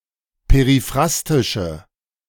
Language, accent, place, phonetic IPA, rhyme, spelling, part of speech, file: German, Germany, Berlin, [peʁiˈfʁastɪʃə], -astɪʃə, periphrastische, adjective, De-periphrastische.ogg
- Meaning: inflection of periphrastisch: 1. strong/mixed nominative/accusative feminine singular 2. strong nominative/accusative plural 3. weak nominative all-gender singular